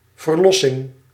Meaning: 1. release 2. salvation, redemption, rescue 3. delivery (childbirth)
- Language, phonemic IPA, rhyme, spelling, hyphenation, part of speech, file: Dutch, /vərˈlɔ.sɪŋ/, -ɔsɪŋ, verlossing, ver‧los‧sing, noun, Nl-verlossing.ogg